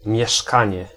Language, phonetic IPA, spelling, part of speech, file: Polish, [mʲjɛˈʃkãɲɛ], mieszkanie, noun, Pl-mieszkanie.ogg